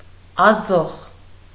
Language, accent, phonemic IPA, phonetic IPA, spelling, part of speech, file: Armenian, Eastern Armenian, /ɑˈzoχ/, [ɑzóχ], ազոխ, noun, Hy-ազոխ.ogg
- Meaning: 1. unripe grapes, sour grapes 2. any unripe fruit